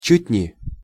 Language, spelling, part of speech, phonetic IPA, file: Russian, чуть не, adverb, [t͡ɕʉtʲ nʲɪ], Ru-чуть не.ogg
- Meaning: nearly (almost, but not quite), virtually